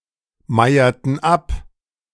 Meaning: inflection of abmeiern: 1. first/third-person plural preterite 2. first/third-person plural subjunctive II
- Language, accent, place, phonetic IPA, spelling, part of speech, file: German, Germany, Berlin, [ˌmaɪ̯ɐtn̩ ˈap], meierten ab, verb, De-meierten ab.ogg